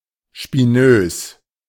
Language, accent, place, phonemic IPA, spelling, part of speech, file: German, Germany, Berlin, /ˈʃpɪnøːs/, spinös, adjective, De-spinös.ogg
- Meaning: crackpot